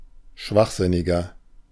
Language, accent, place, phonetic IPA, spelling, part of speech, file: German, Germany, Berlin, [ˈʃvaxˌzɪnɪɡɐ], schwachsinniger, adjective, De-schwachsinniger.ogg
- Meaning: 1. comparative degree of schwachsinnig 2. inflection of schwachsinnig: strong/mixed nominative masculine singular 3. inflection of schwachsinnig: strong genitive/dative feminine singular